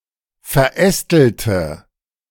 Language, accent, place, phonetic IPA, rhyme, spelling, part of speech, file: German, Germany, Berlin, [fɛɐ̯ˈʔɛstl̩tə], -ɛstl̩tə, verästelte, adjective / verb, De-verästelte.ogg
- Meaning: inflection of verästelt: 1. strong/mixed nominative/accusative feminine singular 2. strong nominative/accusative plural 3. weak nominative all-gender singular